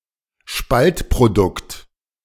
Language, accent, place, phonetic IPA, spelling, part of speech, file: German, Germany, Berlin, [ˈʃpaltpʁoˌdʊkt], Spaltprodukt, noun, De-Spaltprodukt.ogg
- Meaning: nuclear fission product